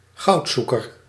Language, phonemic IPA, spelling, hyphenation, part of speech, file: Dutch, /ˈɣɑu̯tˌzu.kər/, goudzoeker, goud‧zoe‧ker, noun, Nl-goudzoeker.ogg
- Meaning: gold digger, gold prospector